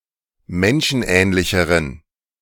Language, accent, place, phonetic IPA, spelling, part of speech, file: German, Germany, Berlin, [ˈmɛnʃn̩ˌʔɛːnlɪçəʁən], menschenähnlicheren, adjective, De-menschenähnlicheren.ogg
- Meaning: inflection of menschenähnlich: 1. strong genitive masculine/neuter singular comparative degree 2. weak/mixed genitive/dative all-gender singular comparative degree